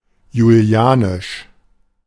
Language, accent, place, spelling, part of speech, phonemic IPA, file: German, Germany, Berlin, julianisch, adjective, /juˈli̯aːniʃ/, De-julianisch.ogg
- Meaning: Julian